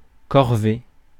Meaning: 1. corvee (labour due to a feudal lord; labour on roads) 2. drudgery; chore 3. fatigue; menial task
- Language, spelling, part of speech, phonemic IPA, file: French, corvée, noun, /kɔʁ.ve/, Fr-corvée.ogg